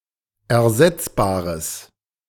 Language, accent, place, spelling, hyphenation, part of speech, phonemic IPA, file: German, Germany, Berlin, ersetzbares, er‧setz‧ba‧res, adjective, /ɛɐ̯ˈzɛt͡sbaːʁəs/, De-ersetzbares.ogg
- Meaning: strong/mixed nominative/accusative neuter singular of ersetzbar